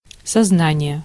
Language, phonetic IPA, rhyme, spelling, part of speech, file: Russian, [sɐzˈnanʲɪje], -anʲɪje, сознание, noun, Ru-сознание.ogg
- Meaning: 1. consciousness (awareness) 2. realization, perception, awareness 3. confession